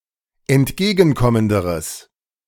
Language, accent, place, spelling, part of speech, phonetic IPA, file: German, Germany, Berlin, entgegenkommenderes, adjective, [ɛntˈɡeːɡn̩ˌkɔməndəʁəs], De-entgegenkommenderes.ogg
- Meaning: strong/mixed nominative/accusative neuter singular comparative degree of entgegenkommend